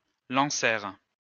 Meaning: third-person plural past historic of lancer
- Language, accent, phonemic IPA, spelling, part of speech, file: French, France, /lɑ̃.sɛʁ/, lancèrent, verb, LL-Q150 (fra)-lancèrent.wav